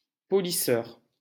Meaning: polisher (person) (machine, masculine only)
- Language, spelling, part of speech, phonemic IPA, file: French, polisseur, noun, /pɔ.li.sœʁ/, LL-Q150 (fra)-polisseur.wav